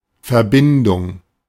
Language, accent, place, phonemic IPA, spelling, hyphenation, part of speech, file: German, Germany, Berlin, /fɛɐ̯ˈbɪndʊŋ(k)/, Verbindung, Ver‧bin‧dung, noun, De-Verbindung.ogg
- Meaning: 1. connection 2. compound 3. accession 4. relationship, partnership 5. ellipsis of Studentenverbindung